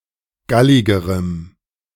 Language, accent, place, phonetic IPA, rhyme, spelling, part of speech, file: German, Germany, Berlin, [ˈɡalɪɡəʁəm], -alɪɡəʁəm, galligerem, adjective, De-galligerem.ogg
- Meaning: strong dative masculine/neuter singular comparative degree of gallig